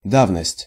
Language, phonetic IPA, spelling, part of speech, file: Russian, [ˈdavnəsʲtʲ], давность, noun, Ru-давность.ogg
- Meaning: remoteness (in time), antiquity; long standing; time limitation